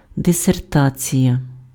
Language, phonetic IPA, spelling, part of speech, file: Ukrainian, [deserˈtat͡sʲijɐ], дисертація, noun, Uk-дисертація.ogg
- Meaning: dissertation